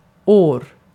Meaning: 1. a year (time period) 2. a year (length of time)
- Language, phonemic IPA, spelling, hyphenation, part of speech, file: Swedish, /ˈoːr/, år, år, noun, Sv-år.ogg